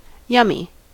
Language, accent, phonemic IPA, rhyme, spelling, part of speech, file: English, US, /ˈjʌm.i/, -ʌmi, yummy, adjective / noun, En-us-yummy.ogg
- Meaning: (adjective) Delicious; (noun) Ellipsis of yummy mummy